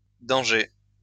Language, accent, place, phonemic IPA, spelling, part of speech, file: French, France, Lyon, /dɑ̃.ʒe/, dangers, noun, LL-Q150 (fra)-dangers.wav
- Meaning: plural of danger